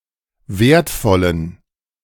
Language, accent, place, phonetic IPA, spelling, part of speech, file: German, Germany, Berlin, [ˈveːɐ̯tˌfɔlən], wertvollen, adjective, De-wertvollen.ogg
- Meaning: inflection of wertvoll: 1. strong genitive masculine/neuter singular 2. weak/mixed genitive/dative all-gender singular 3. strong/weak/mixed accusative masculine singular 4. strong dative plural